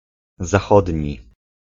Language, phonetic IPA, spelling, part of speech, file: Polish, [zaˈxɔdʲɲi], zachodni, adjective, Pl-zachodni.ogg